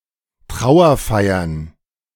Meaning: plural of Trauerfeier
- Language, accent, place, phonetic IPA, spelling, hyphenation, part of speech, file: German, Germany, Berlin, [ˈtʁaʊ̯ɐˌfaɪ̯ɐn], Trauerfeiern, Trau‧er‧fei‧ern, noun, De-Trauerfeiern.ogg